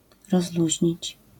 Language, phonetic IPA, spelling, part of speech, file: Polish, [rɔzˈluʑɲit͡ɕ], rozluźnić, verb, LL-Q809 (pol)-rozluźnić.wav